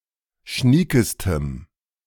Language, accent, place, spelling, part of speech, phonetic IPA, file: German, Germany, Berlin, schniekestem, adjective, [ˈʃniːkəstəm], De-schniekestem.ogg
- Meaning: strong dative masculine/neuter singular superlative degree of schnieke